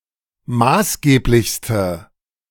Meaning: inflection of maßgeblich: 1. strong/mixed nominative/accusative feminine singular superlative degree 2. strong nominative/accusative plural superlative degree
- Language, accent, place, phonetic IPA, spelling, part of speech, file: German, Germany, Berlin, [ˈmaːsˌɡeːplɪçstə], maßgeblichste, adjective, De-maßgeblichste.ogg